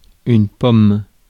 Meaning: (noun) 1. apple (fruit) 2. any of several objects of approximately the same shape and size 3. the faucet or nozzle of a watering can or showerhead 4. a decorative motif in the shape of an apple
- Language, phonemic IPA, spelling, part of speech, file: French, /pɔm/, pomme, noun / verb, Fr-pomme.ogg